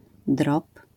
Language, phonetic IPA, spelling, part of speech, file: Polish, [drɔp], drop, noun, LL-Q809 (pol)-drop.wav